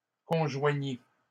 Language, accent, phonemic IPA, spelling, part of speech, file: French, Canada, /kɔ̃.ʒwa.ɲi/, conjoignis, verb, LL-Q150 (fra)-conjoignis.wav
- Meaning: first/second-person singular past historic of conjoindre